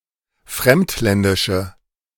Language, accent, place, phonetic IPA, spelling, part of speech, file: German, Germany, Berlin, [ˈfʁɛmtˌlɛndɪʃə], fremdländische, adjective, De-fremdländische.ogg
- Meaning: inflection of fremdländisch: 1. strong/mixed nominative/accusative feminine singular 2. strong nominative/accusative plural 3. weak nominative all-gender singular